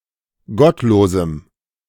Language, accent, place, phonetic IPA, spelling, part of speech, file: German, Germany, Berlin, [ˈɡɔtˌloːzm̩], gottlosem, adjective, De-gottlosem.ogg
- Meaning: strong dative masculine/neuter singular of gottlos